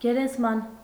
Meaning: grave
- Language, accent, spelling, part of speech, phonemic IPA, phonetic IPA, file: Armenian, Eastern Armenian, գերեզման, noun, /ɡeɾezˈmɑn/, [ɡeɾezmɑ́n], Hy-գերեզման.ogg